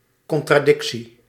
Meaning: contradiction
- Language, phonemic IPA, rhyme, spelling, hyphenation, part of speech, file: Dutch, /ˌkɔn.traːˈdɪk.si/, -ɪksi, contradictie, con‧tra‧dic‧tie, noun, Nl-contradictie.ogg